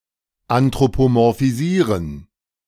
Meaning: to anthropomorphize
- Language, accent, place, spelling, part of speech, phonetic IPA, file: German, Germany, Berlin, anthropomorphisieren, verb, [antʁopomɔʁfiˈziːʁən], De-anthropomorphisieren.ogg